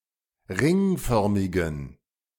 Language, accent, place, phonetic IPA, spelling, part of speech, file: German, Germany, Berlin, [ˈʁɪŋˌfœʁmɪɡn̩], ringförmigen, adjective, De-ringförmigen.ogg
- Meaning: inflection of ringförmig: 1. strong genitive masculine/neuter singular 2. weak/mixed genitive/dative all-gender singular 3. strong/weak/mixed accusative masculine singular 4. strong dative plural